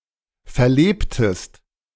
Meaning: inflection of verleben: 1. second-person singular preterite 2. second-person singular subjunctive II
- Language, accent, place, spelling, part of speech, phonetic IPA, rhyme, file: German, Germany, Berlin, verlebtest, verb, [fɛɐ̯ˈleːptəst], -eːptəst, De-verlebtest.ogg